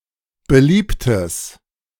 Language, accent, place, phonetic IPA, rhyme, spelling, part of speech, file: German, Germany, Berlin, [bəˈliːptəs], -iːptəs, beliebtes, adjective, De-beliebtes.ogg
- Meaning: strong/mixed nominative/accusative neuter singular of beliebt